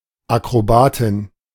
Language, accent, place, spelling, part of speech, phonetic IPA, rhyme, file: German, Germany, Berlin, Akrobatin, noun, [akʁoˈbaːˌtɪn], -aːtɪn, De-Akrobatin.ogg
- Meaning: female equivalent of Akrobat (“acrobat”)